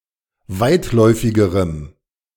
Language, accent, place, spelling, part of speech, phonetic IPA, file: German, Germany, Berlin, weitläufigerem, adjective, [ˈvaɪ̯tˌlɔɪ̯fɪɡəʁəm], De-weitläufigerem.ogg
- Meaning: strong dative masculine/neuter singular comparative degree of weitläufig